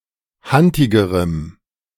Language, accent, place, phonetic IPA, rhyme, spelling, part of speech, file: German, Germany, Berlin, [ˈhantɪɡəʁəm], -antɪɡəʁəm, hantigerem, adjective, De-hantigerem.ogg
- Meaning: strong dative masculine/neuter singular comparative degree of hantig